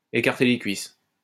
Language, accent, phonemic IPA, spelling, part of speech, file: French, France, /e.kaʁ.te le kɥis/, écarter les cuisses, verb, LL-Q150 (fra)-écarter les cuisses.wav
- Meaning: to put out, to open one's legs